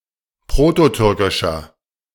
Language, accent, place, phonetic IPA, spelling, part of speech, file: German, Germany, Berlin, [ˈpʁoːtoˌtʏʁkɪʃɐ], prototürkischer, adjective, De-prototürkischer.ogg
- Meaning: inflection of prototürkisch: 1. strong/mixed nominative masculine singular 2. strong genitive/dative feminine singular 3. strong genitive plural